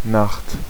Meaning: 1. night 2. darkness
- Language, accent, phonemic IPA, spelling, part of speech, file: German, Germany, /naxt/, Nacht, noun, De-Nacht.ogg